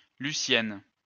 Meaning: a female given name, masculine equivalent Lucien
- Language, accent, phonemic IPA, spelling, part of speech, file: French, France, /ly.sjɛn/, Lucienne, proper noun, LL-Q150 (fra)-Lucienne.wav